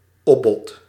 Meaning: a higher bid at an auction
- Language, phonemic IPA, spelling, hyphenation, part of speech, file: Dutch, /ˈɔ(p).bɔt/, opbod, op‧bod, noun, Nl-opbod.ogg